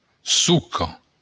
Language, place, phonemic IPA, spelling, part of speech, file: Occitan, Béarn, /ˈsuko/, soca, noun, LL-Q14185 (oci)-soca.wav
- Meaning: 1. trunk 2. stump 3. stock, in the sense of a grape vine, a cultivar